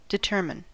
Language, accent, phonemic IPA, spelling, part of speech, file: English, US, /dɪˈtɝmɪn/, determine, verb, En-us-determine.ogg
- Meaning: 1. To set the boundaries or limits of 2. To ascertain definitely; to figure out, find out, or conclude by analyzing, calculating, or investigating